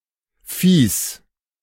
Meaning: genitive singular of Vieh
- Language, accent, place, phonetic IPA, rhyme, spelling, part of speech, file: German, Germany, Berlin, [fiːs], -iːs, Viehs, noun, De-Viehs.ogg